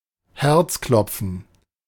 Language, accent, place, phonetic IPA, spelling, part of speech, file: German, Germany, Berlin, [ˈhɛʁt͡sˌklɔp͡fn̩], Herzklopfen, noun, De-Herzklopfen.ogg
- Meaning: 1. heart palpitations 2. excitement